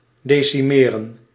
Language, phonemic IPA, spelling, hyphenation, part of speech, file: Dutch, /deːsiˈmeːrə(n)/, decimeren, de‧ci‧me‧ren, verb, Nl-decimeren.ogg
- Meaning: 1. to decimate, to weaken 2. to decimate, to kill every tenth person